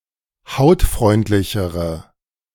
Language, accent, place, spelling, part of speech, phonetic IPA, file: German, Germany, Berlin, hautfreundlichere, adjective, [ˈhaʊ̯tˌfʁɔɪ̯ntlɪçəʁə], De-hautfreundlichere.ogg
- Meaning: inflection of hautfreundlich: 1. strong/mixed nominative/accusative feminine singular comparative degree 2. strong nominative/accusative plural comparative degree